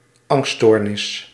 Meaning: anxiety disorder
- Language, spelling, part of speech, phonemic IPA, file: Dutch, angststoornis, noun, /ˈɑŋststornɪs/, Nl-angststoornis.ogg